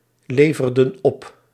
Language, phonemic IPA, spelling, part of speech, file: Dutch, /ˈlevərdə(n) ˈɔp/, leverden op, verb, Nl-leverden op.ogg
- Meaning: inflection of opleveren: 1. plural past indicative 2. plural past subjunctive